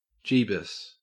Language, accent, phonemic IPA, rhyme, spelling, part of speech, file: English, Australia, /ˈd͡ʒiːbəs/, -iːbəs, Jeebus, proper noun / interjection, En-au-Jeebus.ogg
- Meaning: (proper noun) Jesus